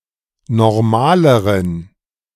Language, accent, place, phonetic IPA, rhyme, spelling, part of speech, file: German, Germany, Berlin, [nɔʁˈmaːləʁən], -aːləʁən, normaleren, adjective, De-normaleren.ogg
- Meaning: inflection of normal: 1. strong genitive masculine/neuter singular comparative degree 2. weak/mixed genitive/dative all-gender singular comparative degree